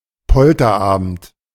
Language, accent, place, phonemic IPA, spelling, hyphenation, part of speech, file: German, Germany, Berlin, /ˈpɔltɐˌʔaːbn̩t/, Polterabend, Pol‧ter‧abend, noun, De-Polterabend.ogg
- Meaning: wedding-eve party